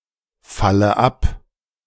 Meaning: inflection of abfallen: 1. first-person singular present 2. first/third-person singular subjunctive I 3. singular imperative
- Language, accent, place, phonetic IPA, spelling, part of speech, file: German, Germany, Berlin, [ˌfalə ˈap], falle ab, verb, De-falle ab.ogg